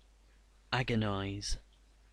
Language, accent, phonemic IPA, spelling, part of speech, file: English, UK, /ˈæɡ.ɪ.naɪz/, agonize, verb, En-agonize.ogg
- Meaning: 1. To writhe with agony; to suffer violent anguish 2. To struggle; to wrestle; to strive desperately, whether mentally or physically 3. To cause agony or anguish in someone